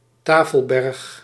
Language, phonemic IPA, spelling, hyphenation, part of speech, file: Dutch, /ˈtaː.fəlˌbɛrx/, tafelberg, ta‧fel‧berg, noun, Nl-tafelberg.ogg
- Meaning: table mountain, mesa